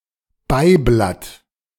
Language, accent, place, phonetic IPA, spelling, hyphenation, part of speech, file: German, Germany, Berlin, [ˈbaɪ̯blat], Beiblatt, Bei‧blatt, noun, De-Beiblatt.ogg
- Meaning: supplement, supplemental sheet (of a document)